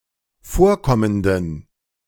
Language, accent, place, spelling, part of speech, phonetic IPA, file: German, Germany, Berlin, vorkommenden, adjective, [ˈfoːɐ̯ˌkɔməndn̩], De-vorkommenden.ogg
- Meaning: inflection of vorkommend: 1. strong genitive masculine/neuter singular 2. weak/mixed genitive/dative all-gender singular 3. strong/weak/mixed accusative masculine singular 4. strong dative plural